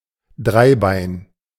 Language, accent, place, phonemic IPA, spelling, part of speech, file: German, Germany, Berlin, /ˈdʁaɪ̯ˌbaɪ̯n/, Dreibein, noun, De-Dreibein.ogg
- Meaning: 1. tripod 2. trihedron